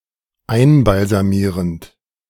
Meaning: present participle of einbalsamieren
- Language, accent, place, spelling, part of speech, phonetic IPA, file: German, Germany, Berlin, einbalsamierend, verb, [ˈaɪ̯nbalzaˌmiːʁənt], De-einbalsamierend.ogg